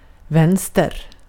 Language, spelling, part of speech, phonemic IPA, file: Swedish, vänster, adjective / noun, /ˈvɛnːstɛr/, Sv-vänster.ogg
- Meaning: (adjective) 1. left (on the left-hand side) 2. left-wing; left; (noun) 1. the left side 2. The ensemble of left-wing political parties